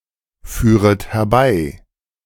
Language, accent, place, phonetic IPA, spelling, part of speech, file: German, Germany, Berlin, [ˌfyːʁət hɛɐ̯ˈbaɪ̯], führet herbei, verb, De-führet herbei.ogg
- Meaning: second-person plural subjunctive I of herbeiführen